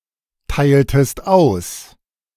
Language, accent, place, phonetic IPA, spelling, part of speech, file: German, Germany, Berlin, [ˌtaɪ̯ltəst ˈaʊ̯s], teiltest aus, verb, De-teiltest aus.ogg
- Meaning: inflection of austeilen: 1. second-person singular preterite 2. second-person singular subjunctive II